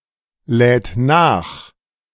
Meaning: third-person singular present of nachladen
- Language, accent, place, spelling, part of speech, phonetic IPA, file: German, Germany, Berlin, lädt nach, verb, [ˌlɛːt ˈnaːx], De-lädt nach.ogg